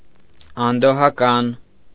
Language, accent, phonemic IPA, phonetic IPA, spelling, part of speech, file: Armenian, Eastern Armenian, /ɑndohɑˈkɑn/, [ɑndohɑkɑ́n], անդոհական, adjective, Hy-անդոհական.ogg
- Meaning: disquieting, dreadful